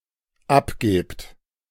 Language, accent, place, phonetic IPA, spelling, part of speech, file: German, Germany, Berlin, [ˈapˌɡeːpt], abgebt, verb, De-abgebt.ogg
- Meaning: second-person plural dependent present of abgeben